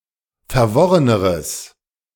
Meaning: strong/mixed nominative/accusative neuter singular comparative degree of verworren
- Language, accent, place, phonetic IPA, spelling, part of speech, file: German, Germany, Berlin, [fɛɐ̯ˈvɔʁənəʁəs], verworreneres, adjective, De-verworreneres.ogg